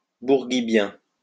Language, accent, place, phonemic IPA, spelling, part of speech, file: French, France, Lyon, /buʁ.ɡi.bjɛ̃/, bourguibien, adjective, LL-Q150 (fra)-bourguibien.wav
- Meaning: Relating to Habib Bourguiba